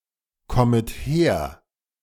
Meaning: second-person plural subjunctive I of herkommen
- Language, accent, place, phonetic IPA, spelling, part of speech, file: German, Germany, Berlin, [ˌkɔmət ˈheːɐ̯], kommet her, verb, De-kommet her.ogg